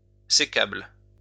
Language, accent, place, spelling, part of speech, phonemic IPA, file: French, France, Lyon, sécable, adjective, /se.kabl/, LL-Q150 (fra)-sécable.wav
- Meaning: divisible